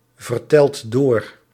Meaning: inflection of doorvertellen: 1. second/third-person singular present indicative 2. plural imperative
- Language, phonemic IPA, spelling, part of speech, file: Dutch, /vərˈtɛlt ˈdor/, vertelt door, verb, Nl-vertelt door.ogg